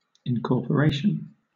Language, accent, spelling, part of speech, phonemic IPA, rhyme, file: English, Southern England, incorporation, noun, /ɪŋˌkɔːpəˈɹeɪʃən/, -eɪʃən, LL-Q1860 (eng)-incorporation.wav
- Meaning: 1. The act of incorporating, or the state of being incorporated 2. The union of different ingredients in one mass; mixture; combination; synthesis